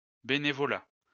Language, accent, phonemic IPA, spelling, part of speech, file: French, France, /be.ne.vɔ.la/, bénévolat, noun, LL-Q150 (fra)-bénévolat.wav
- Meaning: volunteering